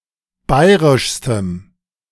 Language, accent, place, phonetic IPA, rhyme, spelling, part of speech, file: German, Germany, Berlin, [ˈbaɪ̯ʁɪʃstəm], -aɪ̯ʁɪʃstəm, bayrischstem, adjective, De-bayrischstem.ogg
- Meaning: strong dative masculine/neuter singular superlative degree of bayrisch